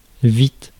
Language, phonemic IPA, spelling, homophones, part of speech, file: French, /vit/, vite, vîtes, adverb / adjective, Fr-vite.ogg
- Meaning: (adverb) quickly; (adjective) quick; fast